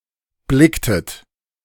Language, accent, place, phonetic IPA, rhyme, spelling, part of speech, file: German, Germany, Berlin, [ˈblɪktət], -ɪktət, blicktet, verb, De-blicktet.ogg
- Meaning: inflection of blicken: 1. second-person plural preterite 2. second-person plural subjunctive II